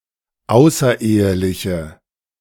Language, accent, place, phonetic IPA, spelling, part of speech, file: German, Germany, Berlin, [ˈaʊ̯sɐˌʔeːəlɪçə], außereheliche, adjective, De-außereheliche.ogg
- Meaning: inflection of außerehelich: 1. strong/mixed nominative/accusative feminine singular 2. strong nominative/accusative plural 3. weak nominative all-gender singular